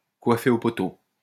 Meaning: to pip to the post (to overcome at the last minute, to overtake at the decisive moment, to beat to the punch at the very end)
- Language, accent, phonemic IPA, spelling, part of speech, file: French, France, /kwa.fe o pɔ.to/, coiffer au poteau, verb, LL-Q150 (fra)-coiffer au poteau.wav